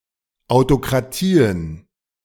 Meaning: plural of Autokratie
- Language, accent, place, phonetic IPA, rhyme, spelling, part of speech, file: German, Germany, Berlin, [aʊ̯tokʁaˈtiːən], -iːən, Autokratien, noun, De-Autokratien.ogg